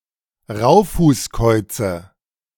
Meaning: nominative/accusative/genitive plural of Raufußkauz
- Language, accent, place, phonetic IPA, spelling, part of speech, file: German, Germany, Berlin, [ˈʁaʊ̯fuːsˌkɔɪ̯t͡sə], Raufußkäuze, noun, De-Raufußkäuze.ogg